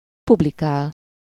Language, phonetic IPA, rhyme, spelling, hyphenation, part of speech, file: Hungarian, [ˈpublikaːl], -aːl, publikál, pub‧li‧kál, verb, Hu-publikál.ogg
- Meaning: to publish